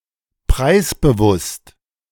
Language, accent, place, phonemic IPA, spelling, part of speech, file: German, Germany, Berlin, /ˈpʁaɪ̯sbəˌvʊst/, preisbewusst, adjective, De-preisbewusst.ogg
- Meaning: price-conscious